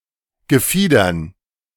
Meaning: dative plural of Gefieder
- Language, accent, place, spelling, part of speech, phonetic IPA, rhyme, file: German, Germany, Berlin, Gefiedern, noun, [ɡəˈfiːdɐn], -iːdɐn, De-Gefiedern.ogg